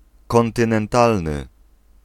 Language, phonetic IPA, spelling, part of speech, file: Polish, [ˌkɔ̃ntɨ̃nɛ̃nˈtalnɨ], kontynentalny, adjective, Pl-kontynentalny.ogg